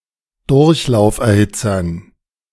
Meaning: dative plural of Durchlauferhitzer
- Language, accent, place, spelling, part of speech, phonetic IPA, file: German, Germany, Berlin, Durchlauferhitzern, noun, [ˈdʊʁçlaʊ̯fʔɛɐ̯ˌhɪt͡sɐn], De-Durchlauferhitzern.ogg